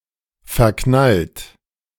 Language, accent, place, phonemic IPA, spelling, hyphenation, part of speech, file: German, Germany, Berlin, /fɛɐ̯ˈknalt/, verknallt, ver‧knallt, verb / adjective, De-verknallt.ogg
- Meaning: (verb) past participle of verknallen; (adjective) infatuated (with), having a crush (on); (verb) inflection of verknallen: 1. second-person plural present 2. third-person singular present